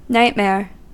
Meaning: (noun) 1. A very unpleasant or frightening dream 2. Any bad, miserable, difficult or terrifying situation or experience that arouses anxiety, terror, agony or great displeasure
- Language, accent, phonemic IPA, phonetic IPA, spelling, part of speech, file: English, US, /ˈnaɪt.mɛɚ/, [nʌɪʔ.mɛəɹ], nightmare, noun / verb, En-us-nightmare.ogg